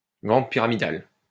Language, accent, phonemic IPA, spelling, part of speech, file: French, France, /vɑ̃t pi.ʁa.mi.dal/, vente pyramidale, noun, LL-Q150 (fra)-vente pyramidale.wav
- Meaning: pyramid scheme